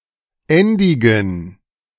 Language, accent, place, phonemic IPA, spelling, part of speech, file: German, Germany, Berlin, /ˈɛndɪɡn̩/, endigen, verb, De-endigen.ogg
- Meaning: archaic form of enden